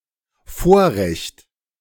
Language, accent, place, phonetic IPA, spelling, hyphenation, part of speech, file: German, Germany, Berlin, [ˈfoːɐ̯ˌʁɛçt], Vorrecht, Vor‧recht, noun, De-Vorrecht.ogg
- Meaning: privilege